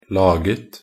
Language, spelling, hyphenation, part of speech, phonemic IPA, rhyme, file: Norwegian Bokmål, laget, la‧get, verb, /ˈlɑːɡət/, -ət, Nb-laget2.ogg
- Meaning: simple past and present perfect of lage